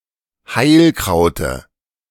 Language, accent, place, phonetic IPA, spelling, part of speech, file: German, Germany, Berlin, [ˈhaɪ̯lˌkʁaʊ̯tə], Heilkraute, noun, De-Heilkraute.ogg
- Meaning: dative singular of Heilkraut